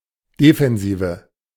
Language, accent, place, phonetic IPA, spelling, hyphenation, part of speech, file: German, Germany, Berlin, [defɛnˈziːvə], Defensive, De‧fen‧si‧ve, noun, De-Defensive.ogg
- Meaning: defense (means, attitude or position of defense)